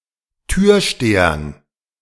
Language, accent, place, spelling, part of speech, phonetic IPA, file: German, Germany, Berlin, Türstehern, noun, [ˈtyːɐ̯ˌʃteːɐn], De-Türstehern.ogg
- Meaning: dative plural of Türsteher